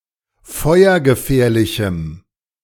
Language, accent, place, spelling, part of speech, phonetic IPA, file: German, Germany, Berlin, feuergefährlichem, adjective, [ˈfɔɪ̯ɐɡəˌfɛːɐ̯lɪçm̩], De-feuergefährlichem.ogg
- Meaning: strong dative masculine/neuter singular of feuergefährlich